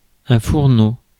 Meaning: 1. stove (cooker) 2. stove (heater) 3. chamber (of a tobacco pipe) 4. beggar, hobo
- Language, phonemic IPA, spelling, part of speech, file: French, /fuʁ.no/, fourneau, noun, Fr-fourneau.ogg